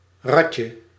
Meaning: diminutive of rad
- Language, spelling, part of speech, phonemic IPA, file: Dutch, radje, noun, /ˈrɑcə/, Nl-radje.ogg